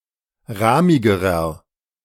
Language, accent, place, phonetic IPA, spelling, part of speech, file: German, Germany, Berlin, [ˈʁaːmɪɡəʁɐ], rahmigerer, adjective, De-rahmigerer.ogg
- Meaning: inflection of rahmig: 1. strong/mixed nominative masculine singular comparative degree 2. strong genitive/dative feminine singular comparative degree 3. strong genitive plural comparative degree